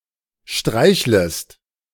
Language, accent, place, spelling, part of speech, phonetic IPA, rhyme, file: German, Germany, Berlin, streichlest, verb, [ˈʃtʁaɪ̯çləst], -aɪ̯çləst, De-streichlest.ogg
- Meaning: second-person singular subjunctive I of streicheln